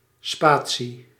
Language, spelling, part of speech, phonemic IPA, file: Dutch, spatie, noun, /ˈspaː.(t)si/, Nl-spatie.ogg
- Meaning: 1. space 2. spacebar